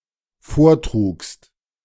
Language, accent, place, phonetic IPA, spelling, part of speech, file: German, Germany, Berlin, [ˈfoːɐ̯ˌtʁuːkst], vortrugst, verb, De-vortrugst.ogg
- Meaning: second-person singular dependent preterite of vortragen